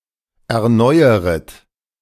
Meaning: second-person plural subjunctive I of erneuern
- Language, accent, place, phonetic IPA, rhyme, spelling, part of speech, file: German, Germany, Berlin, [ɛɐ̯ˈnɔɪ̯əʁət], -ɔɪ̯əʁət, erneueret, verb, De-erneueret.ogg